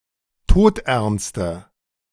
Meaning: inflection of todernst: 1. strong/mixed nominative/accusative feminine singular 2. strong nominative/accusative plural 3. weak nominative all-gender singular
- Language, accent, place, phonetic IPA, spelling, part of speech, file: German, Germany, Berlin, [ˈtoːtʔɛʁnstə], todernste, adjective, De-todernste.ogg